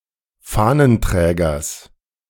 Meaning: genitive of Fahnenträger
- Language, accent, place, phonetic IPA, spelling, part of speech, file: German, Germany, Berlin, [ˈfaːnənˌtʁɛːɡɐs], Fahnenträgers, noun, De-Fahnenträgers.ogg